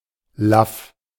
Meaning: 1. lethargic, weak, slack 2. tasteless, insipid
- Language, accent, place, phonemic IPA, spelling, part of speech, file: German, Germany, Berlin, /laf/, laff, adjective, De-laff.ogg